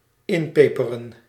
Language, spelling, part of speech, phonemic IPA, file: Dutch, inpeperen, verb, /ˈɪmpepərə(n)/, Nl-inpeperen.ogg
- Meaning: 1. to pepper, to cover with pepper 2. to rub in, to make (a point) annoyingly obvious 3. to get back at 4. to rub snow into, particularly in the face (during snowball fights)